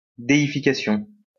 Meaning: deification
- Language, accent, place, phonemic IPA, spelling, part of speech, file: French, France, Lyon, /de.i.fi.ka.sjɔ̃/, déification, noun, LL-Q150 (fra)-déification.wav